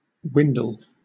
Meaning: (noun) 1. The redwing 2. A basket 3. An old English measure of corn, half a bushel 4. Any dried-out grass leaf or stalk in a field
- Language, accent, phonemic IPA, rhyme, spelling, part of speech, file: English, Southern England, /ˈwɪndəl/, -ɪndəl, windle, noun / verb, LL-Q1860 (eng)-windle.wav